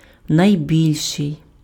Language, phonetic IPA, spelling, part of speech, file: Ukrainian, [nɐi̯ˈbʲilʲʃei̯], найбільший, adjective, Uk-найбільший.ogg
- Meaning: superlative degree of вели́кий (velýkyj): biggest, largest, greatest